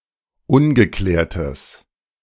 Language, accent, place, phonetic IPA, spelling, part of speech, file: German, Germany, Berlin, [ˈʊnɡəˌklɛːɐ̯təs], ungeklärtes, adjective, De-ungeklärtes.ogg
- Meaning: strong/mixed nominative/accusative neuter singular of ungeklärt